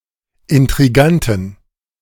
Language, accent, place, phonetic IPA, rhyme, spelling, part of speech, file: German, Germany, Berlin, [ɪntʁiˈɡantn̩], -antn̩, Intriganten, noun, De-Intriganten.ogg
- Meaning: 1. genitive singular of Intrigant 2. plural of Intrigant